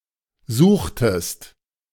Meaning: inflection of suchen: 1. second-person singular preterite 2. second-person singular subjunctive II
- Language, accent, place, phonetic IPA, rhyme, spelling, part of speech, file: German, Germany, Berlin, [ˈzuːxtəst], -uːxtəst, suchtest, verb, De-suchtest.ogg